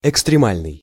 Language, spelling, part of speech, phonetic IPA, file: Russian, экстремальный, adjective, [ɪkstrʲɪˈmalʲnɨj], Ru-экстремальный.ogg
- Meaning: extreme